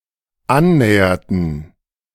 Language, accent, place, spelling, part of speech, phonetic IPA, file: German, Germany, Berlin, annäherten, verb, [ˈanˌnɛːɐtn̩], De-annäherten.ogg
- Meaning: inflection of annähern: 1. first/third-person plural dependent preterite 2. first/third-person plural dependent subjunctive II